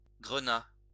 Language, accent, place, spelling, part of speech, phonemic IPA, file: French, France, Lyon, grenat, noun / adjective, /ɡʁə.na/, LL-Q150 (fra)-grenat.wav
- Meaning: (noun) garnet; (adjective) garnet-coloured, dark-red